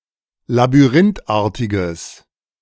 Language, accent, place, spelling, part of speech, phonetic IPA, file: German, Germany, Berlin, labyrinthartiges, adjective, [labyˈʁɪntˌʔaːɐ̯tɪɡəs], De-labyrinthartiges.ogg
- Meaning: strong/mixed nominative/accusative neuter singular of labyrinthartig